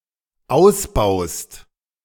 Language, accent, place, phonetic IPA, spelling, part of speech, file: German, Germany, Berlin, [ˈaʊ̯sˌbaʊ̯st], ausbaust, verb, De-ausbaust.ogg
- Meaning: second-person singular dependent present of ausbauen